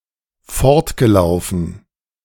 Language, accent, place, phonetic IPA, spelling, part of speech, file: German, Germany, Berlin, [ˈfɔʁtɡəˌlaʊ̯fn̩], fortgelaufen, verb, De-fortgelaufen.ogg
- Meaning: past participle of fortlaufen